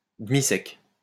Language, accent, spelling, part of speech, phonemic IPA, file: French, France, demi-sec, adjective, /də.mi.sɛk/, LL-Q150 (fra)-demi-sec.wav
- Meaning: medium dry (sparkling wine)